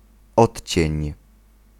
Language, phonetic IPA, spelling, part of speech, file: Polish, [ˈɔtʲt͡ɕɛ̇̃ɲ], odcień, noun, Pl-odcień.ogg